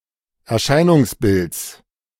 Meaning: genitive singular of Erscheinungsbild
- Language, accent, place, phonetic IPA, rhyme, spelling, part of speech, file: German, Germany, Berlin, [ɛɐ̯ˈʃaɪ̯nʊŋsˌbɪlt͡s], -aɪ̯nʊŋsbɪlt͡s, Erscheinungsbilds, noun, De-Erscheinungsbilds.ogg